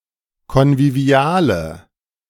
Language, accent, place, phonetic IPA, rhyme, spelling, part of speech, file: German, Germany, Berlin, [kɔnviˈvi̯aːlə], -aːlə, konviviale, adjective, De-konviviale.ogg
- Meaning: inflection of konvivial: 1. strong/mixed nominative/accusative feminine singular 2. strong nominative/accusative plural 3. weak nominative all-gender singular